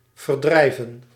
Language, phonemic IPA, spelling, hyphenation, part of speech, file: Dutch, /vərˈdrɛi̯.və(n)/, verdrijven, ver‧drij‧ven, verb, Nl-verdrijven.ogg
- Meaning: 1. to expel, to dispel, to drive away 2. to while (away)